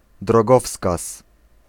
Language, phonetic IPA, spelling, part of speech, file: Polish, [drɔˈɡɔfskas], drogowskaz, noun, Pl-drogowskaz.ogg